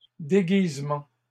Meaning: plural of déguisement
- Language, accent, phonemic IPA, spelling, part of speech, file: French, Canada, /de.ɡiz.mɑ̃/, déguisements, noun, LL-Q150 (fra)-déguisements.wav